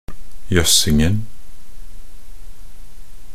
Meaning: definite singular of jøssing
- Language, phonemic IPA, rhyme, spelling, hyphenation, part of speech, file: Norwegian Bokmål, /ˈjœsːɪŋn̩/, -ɪŋn̩, jøssingen, jøss‧ing‧en, noun, Nb-jøssingen.ogg